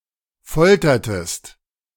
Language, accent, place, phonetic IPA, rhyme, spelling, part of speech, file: German, Germany, Berlin, [ˈfɔltɐtəst], -ɔltɐtəst, foltertest, verb, De-foltertest.ogg
- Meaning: inflection of foltern: 1. second-person singular preterite 2. second-person singular subjunctive II